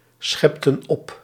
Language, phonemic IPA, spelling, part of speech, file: Dutch, /ˈsxipə(n) ˈɔp/, schepten op, verb, Nl-schepten op.ogg
- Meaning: inflection of opscheppen: 1. plural past indicative 2. plural past subjunctive